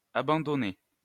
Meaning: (adjective) feminine singular of abandonné
- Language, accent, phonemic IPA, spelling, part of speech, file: French, France, /a.bɑ̃.dɔ.ne/, abandonnée, adjective / verb, LL-Q150 (fra)-abandonnée.wav